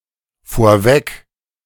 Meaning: 1. before, in advance 2. in front
- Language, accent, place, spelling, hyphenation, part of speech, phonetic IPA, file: German, Germany, Berlin, vorweg, vor‧weg, adverb, [foːɐ̯ˈvɛk], De-vorweg.ogg